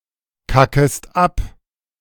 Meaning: second-person singular subjunctive I of abkacken
- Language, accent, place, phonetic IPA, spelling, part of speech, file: German, Germany, Berlin, [ˌkakəst ˈap], kackest ab, verb, De-kackest ab.ogg